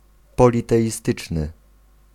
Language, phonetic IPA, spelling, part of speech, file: Polish, [ˌpɔlʲitɛʲiˈstɨt͡ʃnɨ], politeistyczny, adjective, Pl-politeistyczny.ogg